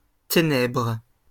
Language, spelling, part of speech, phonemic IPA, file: French, ténèbre, noun, /te.nɛbʁ/, LL-Q150 (fra)-ténèbre.wav
- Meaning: darkness